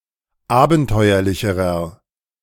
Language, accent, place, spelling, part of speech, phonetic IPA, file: German, Germany, Berlin, abenteuerlicherer, adjective, [ˈaːbn̩ˌtɔɪ̯ɐlɪçəʁɐ], De-abenteuerlicherer.ogg
- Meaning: inflection of abenteuerlich: 1. strong/mixed nominative masculine singular comparative degree 2. strong genitive/dative feminine singular comparative degree